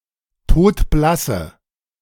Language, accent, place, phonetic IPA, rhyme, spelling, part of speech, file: German, Germany, Berlin, [ˈtoːtˈblasə], -asə, todblasse, adjective, De-todblasse.ogg
- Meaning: inflection of todblass: 1. strong/mixed nominative/accusative feminine singular 2. strong nominative/accusative plural 3. weak nominative all-gender singular